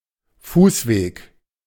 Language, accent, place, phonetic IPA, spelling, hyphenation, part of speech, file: German, Germany, Berlin, [ˈfuːsˌveːk], Fußweg, Fuß‧weg, noun, De-Fußweg.ogg
- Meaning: 1. footway 2. footpath (paved or unpaved)